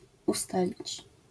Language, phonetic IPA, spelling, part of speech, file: Polish, [uˈstalʲit͡ɕ], ustalić, verb, LL-Q809 (pol)-ustalić.wav